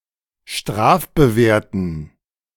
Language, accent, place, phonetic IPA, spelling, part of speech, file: German, Germany, Berlin, [ˈʃtʁaːfbəˌveːɐ̯tn̩], strafbewehrten, adjective, De-strafbewehrten.ogg
- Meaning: inflection of strafbewehrt: 1. strong genitive masculine/neuter singular 2. weak/mixed genitive/dative all-gender singular 3. strong/weak/mixed accusative masculine singular 4. strong dative plural